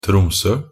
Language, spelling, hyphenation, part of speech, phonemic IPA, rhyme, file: Norwegian Bokmål, Tromsø, Trom‧sø, proper noun, /ˈtrʊmsœ/, -ʊmsœ, Nb-tromsø.ogg
- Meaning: Tromsø (a city and municipality of Troms og Finnmark, Norway)